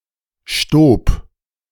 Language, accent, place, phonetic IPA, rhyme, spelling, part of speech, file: German, Germany, Berlin, [ʃtoːp], -oːp, Stoob, proper noun, De-Stoob.ogg
- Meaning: a municipality of Burgenland, Austria